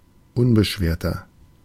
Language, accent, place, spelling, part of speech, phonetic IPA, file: German, Germany, Berlin, unbeschwerter, adjective, [ˈʊnbəˌʃveːɐ̯tɐ], De-unbeschwerter.ogg
- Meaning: 1. comparative degree of unbeschwert 2. inflection of unbeschwert: strong/mixed nominative masculine singular 3. inflection of unbeschwert: strong genitive/dative feminine singular